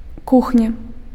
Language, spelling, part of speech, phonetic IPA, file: Belarusian, кухня, noun, [ˈkuxnʲa], Be-кухня.ogg
- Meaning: 1. kitchen 2. cuisine